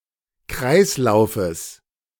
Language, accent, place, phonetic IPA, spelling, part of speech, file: German, Germany, Berlin, [ˈkʁaɪ̯slaʊ̯fəs], Kreislaufes, noun, De-Kreislaufes.ogg
- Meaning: genitive singular of Kreislauf